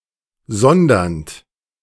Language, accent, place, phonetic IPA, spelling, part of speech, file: German, Germany, Berlin, [ˈzɔndɐnt], sondernd, verb, De-sondernd.ogg
- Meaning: present participle of sondern